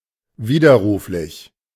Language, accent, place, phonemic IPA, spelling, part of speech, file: German, Germany, Berlin, /ˈviːdɐˌʁuːflɪç/, widerruflich, adjective, De-widerruflich.ogg
- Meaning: revocable